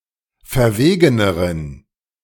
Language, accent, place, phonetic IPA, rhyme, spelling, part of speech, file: German, Germany, Berlin, [fɛɐ̯ˈveːɡənəʁən], -eːɡənəʁən, verwegeneren, adjective, De-verwegeneren.ogg
- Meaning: inflection of verwegen: 1. strong genitive masculine/neuter singular comparative degree 2. weak/mixed genitive/dative all-gender singular comparative degree